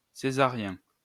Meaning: of Caesar; Caesarian
- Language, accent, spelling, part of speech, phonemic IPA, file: French, France, césarien, adjective, /se.za.ʁjɛ̃/, LL-Q150 (fra)-césarien.wav